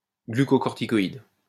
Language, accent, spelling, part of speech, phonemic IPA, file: French, France, glucocorticoïde, noun, /ɡly.kɔ.kɔʁ.ti.kɔ.id/, LL-Q150 (fra)-glucocorticoïde.wav
- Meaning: glucocorticoid